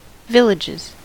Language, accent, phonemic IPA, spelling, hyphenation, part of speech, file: English, US, /ˈvɪlɪd͡ʒɪz/, villages, vil‧lages, noun, En-us-villages.ogg
- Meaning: plural of village